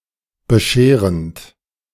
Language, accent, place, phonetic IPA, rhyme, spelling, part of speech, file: German, Germany, Berlin, [bəˈʃeːʁənt], -eːʁənt, bescherend, verb, De-bescherend.ogg
- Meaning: present participle of bescheren